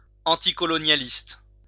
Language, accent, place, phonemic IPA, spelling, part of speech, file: French, France, Lyon, /ɑ̃.ti.kɔ.lɔ.nja.list/, anticolonialiste, adjective / noun, LL-Q150 (fra)-anticolonialiste.wav
- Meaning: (adjective) anticolonialist